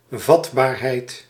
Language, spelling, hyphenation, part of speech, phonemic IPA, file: Dutch, vatbaarheid, vat‧baar‧heid, noun, /ˈvɑt.baːrˌɦɛi̯t/, Nl-vatbaarheid.ogg
- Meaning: susceptibility